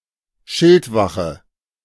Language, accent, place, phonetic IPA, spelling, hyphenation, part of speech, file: German, Germany, Berlin, [ˈʃɪltˌvaxə], Schildwache, Schild‧wache, noun, De-Schildwache.ogg
- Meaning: sentinel